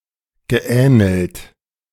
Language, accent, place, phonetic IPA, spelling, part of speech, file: German, Germany, Berlin, [ɡəˈʔɛːnl̩t], geähnelt, verb, De-geähnelt.ogg
- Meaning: past participle of ähneln